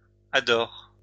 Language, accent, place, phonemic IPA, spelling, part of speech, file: French, France, Lyon, /a.dɔʁ/, adorent, verb, LL-Q150 (fra)-adorent.wav
- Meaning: third-person plural present indicative/subjunctive of adorer